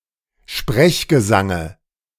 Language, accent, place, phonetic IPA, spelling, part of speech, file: German, Germany, Berlin, [ˈʃpʁɛçɡəˌzaŋə], Sprechgesange, noun, De-Sprechgesange.ogg
- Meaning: dative of Sprechgesang